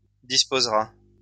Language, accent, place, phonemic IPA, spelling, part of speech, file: French, France, Lyon, /dis.poz.ʁa/, disposera, verb, LL-Q150 (fra)-disposera.wav
- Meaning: third-person singular future of disposer